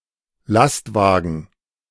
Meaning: truck, lorry
- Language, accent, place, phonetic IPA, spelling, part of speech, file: German, Germany, Berlin, [ˈlastˌvaːɡn̩], Lastwagen, noun, De-Lastwagen.ogg